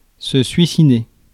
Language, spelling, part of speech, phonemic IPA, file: French, suicider, verb, /sɥi.si.de/, Fr-suicider.ogg
- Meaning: to commit suicide, to kill oneself, suicide